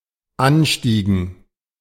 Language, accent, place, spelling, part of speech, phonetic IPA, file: German, Germany, Berlin, Anstiegen, noun, [ˈanˌʃtiːɡn̩], De-Anstiegen.ogg
- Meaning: dative plural of Anstieg